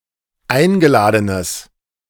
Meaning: strong/mixed nominative/accusative neuter singular of eingeladen
- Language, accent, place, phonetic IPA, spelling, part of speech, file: German, Germany, Berlin, [ˈaɪ̯nɡəˌlaːdənəs], eingeladenes, adjective, De-eingeladenes.ogg